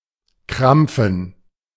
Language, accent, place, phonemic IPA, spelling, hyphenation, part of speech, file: German, Germany, Berlin, /ˈkʁamp͡fn̩/, krampfen, kramp‧fen, verb, De-krampfen.ogg
- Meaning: 1. to cramp, to seize, to have a seizure, to have convulsions 2. to clench